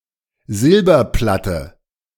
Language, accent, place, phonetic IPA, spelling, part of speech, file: German, Germany, Berlin, [ˈzɪlbɐˌplatə], Silberplatte, noun, De-Silberplatte.ogg
- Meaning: silver platter